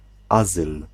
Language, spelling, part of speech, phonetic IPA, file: Polish, azyl, noun, [ˈazɨl], Pl-azyl.ogg